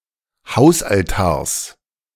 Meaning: genitive singular of Hausaltar
- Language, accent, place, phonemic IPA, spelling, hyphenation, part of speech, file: German, Germany, Berlin, /ˈhaʊ̯sʔalˌtaːɐ̯s/, Hausaltars, Haus‧al‧tars, noun, De-Hausaltars.ogg